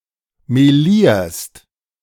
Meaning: second-person singular present of melieren
- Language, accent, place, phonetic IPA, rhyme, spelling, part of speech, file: German, Germany, Berlin, [meˈliːɐ̯st], -iːɐ̯st, melierst, verb, De-melierst.ogg